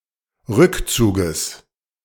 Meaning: genitive singular of Rückzug
- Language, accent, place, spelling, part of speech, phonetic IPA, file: German, Germany, Berlin, Rückzuges, noun, [ˈʁʏkˌt͡suːɡəs], De-Rückzuges.ogg